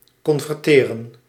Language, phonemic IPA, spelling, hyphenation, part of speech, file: Dutch, /kɔnvɛrˈteːrə(n)/, converteren, con‧ver‧te‧ren, verb, Nl-converteren.ogg
- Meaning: to convert (to change into another form or state)